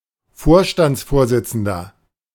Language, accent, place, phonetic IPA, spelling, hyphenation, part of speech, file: German, Germany, Berlin, [ˈfoːɐ̯ʃtant͡sˌfoːɐ̯zɪt͡sn̩dɐ], Vorstandsvorsitzender, Vor‧stands‧vor‧sit‧zen‧der, noun, De-Vorstandsvorsitzender.ogg
- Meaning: 1. CEO (male or of unspecified gender) 2. chairman (male or of unspecified gender) 3. inflection of Vorstandsvorsitzende: strong genitive/dative singular